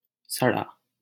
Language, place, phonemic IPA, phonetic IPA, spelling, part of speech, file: Hindi, Delhi, /sə.ɽɑː/, [sɐ.ɽäː], सड़ा, adjective, LL-Q1568 (hin)-सड़ा.wav
- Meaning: rotten, putrid